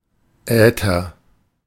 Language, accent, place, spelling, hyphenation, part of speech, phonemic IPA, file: German, Germany, Berlin, Äther, Äther, noun, /ˈɛːtər/, De-Äther.ogg
- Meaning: ether (all senses)